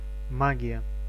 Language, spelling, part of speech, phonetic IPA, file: Russian, магия, noun, [ˈmaɡʲɪjə], Ru-магия.ogg
- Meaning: magic; supernatural occurrences or feats